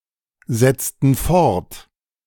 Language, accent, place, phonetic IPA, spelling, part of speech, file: German, Germany, Berlin, [ˌzɛt͡stn̩ ˈfɔʁt], setzten fort, verb, De-setzten fort.ogg
- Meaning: inflection of fortsetzen: 1. first/third-person plural preterite 2. first/third-person plural subjunctive II